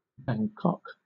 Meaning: 1. The capital city of Thailand 2. The government of Thailand
- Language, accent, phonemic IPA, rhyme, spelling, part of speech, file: English, Southern England, /bæŋˈkɒk/, -ɒk, Bangkok, proper noun, LL-Q1860 (eng)-Bangkok.wav